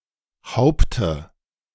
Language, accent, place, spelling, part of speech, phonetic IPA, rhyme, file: German, Germany, Berlin, Haupte, noun, [ˈhaʊ̯ptə], -aʊ̯ptə, De-Haupte.ogg
- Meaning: dative singular of Haupt